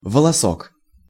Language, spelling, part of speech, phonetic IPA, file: Russian, волосок, noun, [vəɫɐˈsok], Ru-волосок.ogg
- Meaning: 1. diminutive of во́лос (vólos): (small) hair 2. hairspring (of a watch); filament (of a bulb)